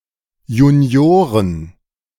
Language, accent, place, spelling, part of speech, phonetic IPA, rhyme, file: German, Germany, Berlin, Junioren, noun, [juːˈni̯oːʁən], -oːʁən, De-Junioren.ogg
- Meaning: plural of Junior